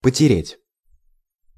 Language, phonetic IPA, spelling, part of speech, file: Russian, [pətʲɪˈrʲetʲ], потереть, verb, Ru-потереть.ogg
- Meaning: to rub